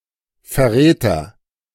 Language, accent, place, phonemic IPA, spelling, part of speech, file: German, Germany, Berlin, /fɛɐ̯ˈʁɛːtɐ/, Verräter, noun, De-Verräter.ogg
- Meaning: traitor (male or of unspecified gender)